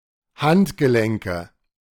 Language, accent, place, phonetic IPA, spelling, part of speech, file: German, Germany, Berlin, [ˈhantɡəˌlɛŋkə], Handgelenke, noun, De-Handgelenke.ogg
- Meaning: nominative/accusative/genitive plural of Handgelenk